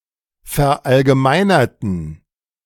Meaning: inflection of verallgemeinern: 1. first/third-person plural preterite 2. first/third-person plural subjunctive II
- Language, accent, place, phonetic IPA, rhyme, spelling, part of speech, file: German, Germany, Berlin, [fɛɐ̯ʔalɡəˈmaɪ̯nɐtn̩], -aɪ̯nɐtn̩, verallgemeinerten, adjective / verb, De-verallgemeinerten.ogg